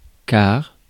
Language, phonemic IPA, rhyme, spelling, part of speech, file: French, /kaʁ/, -aʁ, car, conjunction / noun, Fr-car.ogg
- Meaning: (conjunction) as, since, because, for; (noun) a single-decked long-distance, or privately hired, bus, a coach